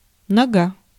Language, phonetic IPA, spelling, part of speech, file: Russian, [nɐˈɡa], нога, noun, Ru-нога.ogg
- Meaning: 1. leg 2. foot